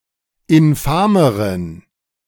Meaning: inflection of infam: 1. strong genitive masculine/neuter singular comparative degree 2. weak/mixed genitive/dative all-gender singular comparative degree
- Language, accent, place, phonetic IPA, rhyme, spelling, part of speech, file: German, Germany, Berlin, [ɪnˈfaːməʁən], -aːməʁən, infameren, adjective, De-infameren.ogg